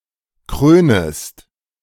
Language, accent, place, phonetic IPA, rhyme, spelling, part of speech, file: German, Germany, Berlin, [ˈkʁøːnəst], -øːnəst, krönest, verb, De-krönest.ogg
- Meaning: second-person singular subjunctive I of krönen